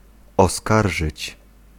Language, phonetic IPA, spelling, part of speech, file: Polish, [ɔˈskarʒɨt͡ɕ], oskarżyć, verb, Pl-oskarżyć.ogg